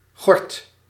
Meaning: 1. pearl barley 2. grit
- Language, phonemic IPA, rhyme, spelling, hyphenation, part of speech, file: Dutch, /ɣɔrt/, -ɔrt, gort, gort, noun, Nl-gort.ogg